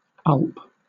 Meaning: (interjection) The sound of a person gulping in fear; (noun) The value that the least significant digit of a floating-point number represents, used as a measure of accuracy in numeric calculations
- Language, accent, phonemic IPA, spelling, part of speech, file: English, Southern England, /ʌlp/, ulp, interjection / noun, LL-Q1860 (eng)-ulp.wav